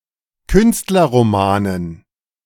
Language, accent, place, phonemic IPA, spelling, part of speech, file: German, Germany, Berlin, /ˈkʏnstlɐʁomaːnən/, Künstlerromanen, noun, De-Künstlerromanen.ogg
- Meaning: dative plural of Künstlerroman